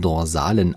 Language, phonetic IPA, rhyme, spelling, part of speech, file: German, [dɔʁˈzaːlən], -aːlən, dorsalen, adjective, De-dorsalen.ogg
- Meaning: inflection of dorsal: 1. strong genitive masculine/neuter singular 2. weak/mixed genitive/dative all-gender singular 3. strong/weak/mixed accusative masculine singular 4. strong dative plural